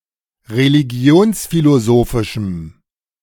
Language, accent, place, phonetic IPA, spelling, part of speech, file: German, Germany, Berlin, [ʁeliˈɡi̯oːnsfiloˌzoːfɪʃm̩], religionsphilosophischem, adjective, De-religionsphilosophischem.ogg
- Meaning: strong dative masculine/neuter singular of religionsphilosophisch